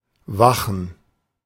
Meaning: 1. to be awake 2. to watch, to guard
- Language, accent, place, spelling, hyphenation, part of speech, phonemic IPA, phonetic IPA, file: German, Germany, Berlin, wachen, wa‧chen, verb, /ˈvaχən/, [ˈvaχn̩], De-wachen.ogg